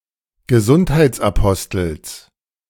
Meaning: genitive singular of Gesundheitsapostel
- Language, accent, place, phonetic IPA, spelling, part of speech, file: German, Germany, Berlin, [ɡəˈzʊnthaɪ̯t͡sʔaˌpɔstl̩s], Gesundheitsapostels, noun, De-Gesundheitsapostels.ogg